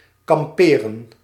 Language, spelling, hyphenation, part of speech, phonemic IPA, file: Dutch, kamperen, kam‧pe‧ren, verb, /kɑmˈpeː.rə(n)/, Nl-kamperen.ogg
- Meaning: to camp, camp put, encamp, go camping